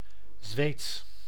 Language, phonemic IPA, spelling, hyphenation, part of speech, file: Dutch, /zʋeːts/, Zweeds, Zweeds, adjective / proper noun, Nl-Zweeds.ogg
- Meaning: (adjective) Swedish; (proper noun) Swedish (language)